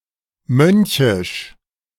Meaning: monkish
- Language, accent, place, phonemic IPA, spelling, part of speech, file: German, Germany, Berlin, /ˈmœn.çɪʃ/, mönchisch, adjective, De-mönchisch.ogg